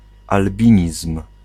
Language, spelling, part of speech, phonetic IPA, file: Polish, albinizm, noun, [alˈbʲĩɲism̥], Pl-albinizm.ogg